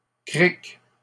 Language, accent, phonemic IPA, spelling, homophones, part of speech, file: French, Canada, /kʁik/, crique, cric, noun, LL-Q150 (fra)-crique.wav
- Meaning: 1. cove 2. creek (stream of water)